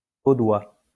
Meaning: 1. of or from Vaud (canton in Switzerland) 2. Waldensian; related to the doctrine of Peter Valdo
- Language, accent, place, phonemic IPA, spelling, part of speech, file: French, France, Lyon, /vo.dwa/, vaudois, adjective, LL-Q150 (fra)-vaudois.wav